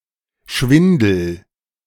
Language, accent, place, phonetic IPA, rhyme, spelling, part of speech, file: German, Germany, Berlin, [ˈʃvɪndl̩], -ɪndl̩, schwindel, verb, De-schwindel.ogg
- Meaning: inflection of schwindeln: 1. first-person singular present 2. singular imperative